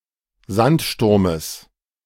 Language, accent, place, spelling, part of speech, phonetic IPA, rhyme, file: German, Germany, Berlin, Sandsturmes, noun, [ˈzantˌʃtʊʁməs], -antʃtʊʁməs, De-Sandsturmes.ogg
- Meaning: genitive singular of Sandsturm